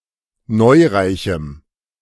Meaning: strong dative masculine/neuter singular of neureich
- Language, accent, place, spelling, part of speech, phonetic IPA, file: German, Germany, Berlin, neureichem, adjective, [ˈnɔɪ̯ʁaɪ̯çm̩], De-neureichem.ogg